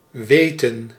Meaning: 1. to know (knowledge), to be aware of something 2. to remember 3. to be able to, to manage to (literally, "to know how to/to know of a way to") 4. inflection of wijten: plural past indicative
- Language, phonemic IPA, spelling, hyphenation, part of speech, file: Dutch, /ˈʋeːtə(n)/, weten, we‧ten, verb, Nl-weten.ogg